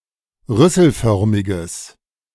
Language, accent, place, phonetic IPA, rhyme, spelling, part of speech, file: German, Germany, Berlin, [ˈʁʏsl̩ˌfœʁmɪɡəs], -ʏsl̩fœʁmɪɡəs, rüsselförmiges, adjective, De-rüsselförmiges.ogg
- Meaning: strong/mixed nominative/accusative neuter singular of rüsselförmig